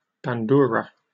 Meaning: A Ukrainian plucked stringed instrument with a tear-shaped body, like an asymmetrical lute or a vertical zither, which is played with both hands while held upright on the lap
- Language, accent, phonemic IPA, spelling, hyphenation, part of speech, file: English, Received Pronunciation, /bænˈdʊəɹə/, bandura, ban‧du‧ra, noun, En-uk-bandura.oga